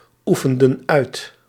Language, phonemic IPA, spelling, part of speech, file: Dutch, /ˈufəndə(n) ˈœyt/, oefenden uit, verb, Nl-oefenden uit.ogg
- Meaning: inflection of uitoefenen: 1. plural past indicative 2. plural past subjunctive